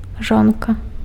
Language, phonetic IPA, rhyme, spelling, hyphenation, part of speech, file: Belarusian, [ˈʐonka], -onka, жонка, жон‧ка, noun, Be-жонка.ogg
- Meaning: wife (a married woman in relation to her husband)